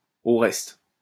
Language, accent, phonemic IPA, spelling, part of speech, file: French, France, /o ʁɛst/, au reste, adverb, LL-Q150 (fra)-au reste.wav
- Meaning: besides, moreover